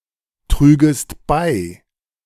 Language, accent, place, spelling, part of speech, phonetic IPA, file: German, Germany, Berlin, trügest bei, verb, [ˌtʁyːɡəst ˈbaɪ̯], De-trügest bei.ogg
- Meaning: second-person singular subjunctive II of beitragen